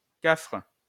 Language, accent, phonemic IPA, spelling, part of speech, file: French, France, /kafʁ/, cafre, noun, LL-Q150 (fra)-cafre.wav
- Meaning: Kaffir